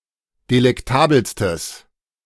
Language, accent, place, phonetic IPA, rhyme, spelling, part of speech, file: German, Germany, Berlin, [delɛkˈtaːbl̩stəs], -aːbl̩stəs, delektabelstes, adjective, De-delektabelstes.ogg
- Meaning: strong/mixed nominative/accusative neuter singular superlative degree of delektabel